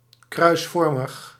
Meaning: cross-shaped, cruciform
- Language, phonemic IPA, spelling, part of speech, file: Dutch, /krœy̯sˈvɔrməx/, kruisvormig, adjective, Nl-kruisvormig.ogg